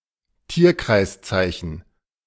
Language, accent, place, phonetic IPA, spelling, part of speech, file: German, Germany, Berlin, [ˈtiːɐ̯kʁaɪ̯sˌt͡saɪ̯çn̩], Tierkreiszeichen, noun, De-Tierkreiszeichen.ogg
- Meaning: zodiac sign